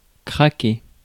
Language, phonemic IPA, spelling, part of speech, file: French, /kʁa.ke/, craquer, verb, Fr-craquer.ogg
- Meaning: 1. to split, to break 2. to crack (petroleum) 3. to crack, to creak, to crunch 4. to give up, to break down, to crack